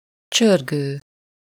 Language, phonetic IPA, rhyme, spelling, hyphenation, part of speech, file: Hungarian, [ˈt͡ʃørɡøː], -ɡøː, csörgő, csör‧gő, verb / adjective / noun, Hu-csörgő.ogg
- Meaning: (verb) present participle of csörög; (adjective) rattling; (noun) rattle (a baby’s toy designed to make sound when shaken)